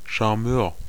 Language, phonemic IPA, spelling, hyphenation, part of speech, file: German, /ʃaʁˈmøːʁ/, Charmeur, Char‧meur, noun, De-Charmeur.ogg
- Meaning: charmer